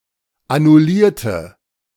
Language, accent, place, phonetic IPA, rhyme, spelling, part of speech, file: German, Germany, Berlin, [anʊˈliːɐ̯tə], -iːɐ̯tə, annullierte, adjective / verb, De-annullierte.ogg
- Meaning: inflection of annullieren: 1. first/third-person singular preterite 2. first/third-person singular subjunctive II